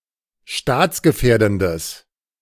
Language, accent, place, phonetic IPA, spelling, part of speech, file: German, Germany, Berlin, [ˈʃtaːt͡sɡəˌfɛːɐ̯dn̩dəs], staatsgefährdendes, adjective, De-staatsgefährdendes.ogg
- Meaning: strong/mixed nominative/accusative neuter singular of staatsgefährdend